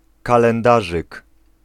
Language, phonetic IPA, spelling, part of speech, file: Polish, [ˌkalɛ̃nˈdaʒɨk], kalendarzyk, noun, Pl-kalendarzyk.ogg